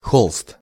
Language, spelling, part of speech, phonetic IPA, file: Russian, холст, noun, [xoɫst], Ru-холст.ogg
- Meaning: 1. canvas 2. sackcloth, burlap